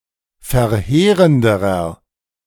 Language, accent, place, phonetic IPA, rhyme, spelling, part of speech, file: German, Germany, Berlin, [fɛɐ̯ˈheːʁəndəʁɐ], -eːʁəndəʁɐ, verheerenderer, adjective, De-verheerenderer.ogg
- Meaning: inflection of verheerend: 1. strong/mixed nominative masculine singular comparative degree 2. strong genitive/dative feminine singular comparative degree 3. strong genitive plural comparative degree